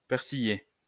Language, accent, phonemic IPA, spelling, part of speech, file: French, France, /pɛʁ.si.je/, persillé, verb / adjective, LL-Q150 (fra)-persillé.wav
- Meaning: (verb) past participle of persiller; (adjective) 1. with the addition of parsley 2. marbled, veined